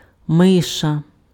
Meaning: mouse
- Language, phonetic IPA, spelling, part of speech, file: Ukrainian, [ˈmɪʃɐ], миша, noun, Uk-миша.ogg